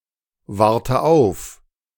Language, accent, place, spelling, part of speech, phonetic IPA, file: German, Germany, Berlin, warte auf, verb, [ˌvaʁtə ˈaʊ̯f], De-warte auf.ogg
- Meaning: inflection of aufwarten: 1. first-person singular present 2. first/third-person singular subjunctive I 3. singular imperative